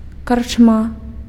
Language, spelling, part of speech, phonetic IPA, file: Belarusian, карчма, noun, [kart͡ʂˈma], Be-карчма.ogg
- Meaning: 1. inn 2. bar, pub